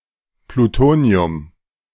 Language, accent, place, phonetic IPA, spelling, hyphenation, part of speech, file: German, Germany, Berlin, [pluˈtoːni̯ʊm], Plutonium, Plu‧to‧ni‧um, noun, De-Plutonium.ogg
- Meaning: plutonium